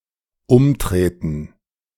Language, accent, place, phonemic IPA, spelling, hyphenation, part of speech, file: German, Germany, Berlin, /ˈʊmˌtʁeːtn̩/, umtreten, um‧tre‧ten, verb, De-umtreten.ogg
- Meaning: to boot (sth.)